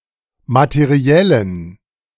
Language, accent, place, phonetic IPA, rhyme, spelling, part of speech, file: German, Germany, Berlin, [matəˈʁi̯ɛlən], -ɛlən, materiellen, adjective, De-materiellen.ogg
- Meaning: inflection of materiell: 1. strong genitive masculine/neuter singular 2. weak/mixed genitive/dative all-gender singular 3. strong/weak/mixed accusative masculine singular 4. strong dative plural